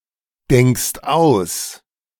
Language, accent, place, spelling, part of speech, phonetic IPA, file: German, Germany, Berlin, denkst aus, verb, [ˌdɛŋkst ˈaʊ̯s], De-denkst aus.ogg
- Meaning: second-person singular present of ausdenken